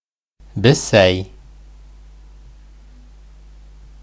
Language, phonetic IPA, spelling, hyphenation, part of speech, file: Bashkir, [bɪ̞ˈsæj], бесәй, бе‧сәй, noun, Ba-бесәй.ogg
- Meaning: cat